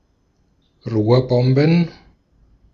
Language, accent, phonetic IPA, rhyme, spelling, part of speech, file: German, Austria, [ˈʁoːɐ̯ˌbɔmbn̩], -oːɐ̯bɔmbn̩, Rohrbomben, noun, De-at-Rohrbomben.ogg
- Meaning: plural of Rohrbombe